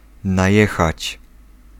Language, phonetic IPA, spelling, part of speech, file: Polish, [najˈɛxat͡ɕ], najechać, verb, Pl-najechać.ogg